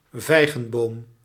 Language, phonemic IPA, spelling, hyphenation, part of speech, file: Dutch, /ˈvɛi̯.ɣə(n)ˌboːm/, vijgenboom, vij‧gen‧boom, noun, Nl-vijgenboom.ogg
- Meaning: 1. fig tree 2. Ficus carica